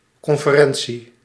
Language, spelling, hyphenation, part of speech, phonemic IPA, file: Dutch, conferentie, con‧fe‧ren‧tie, noun, /ˌkɔn.fəˈrɛn.(t)si/, Nl-conferentie.ogg
- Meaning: conference, convention